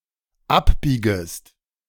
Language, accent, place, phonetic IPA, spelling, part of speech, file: German, Germany, Berlin, [ˈapˌbiːɡəst], abbiegest, verb, De-abbiegest.ogg
- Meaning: second-person singular dependent subjunctive I of abbiegen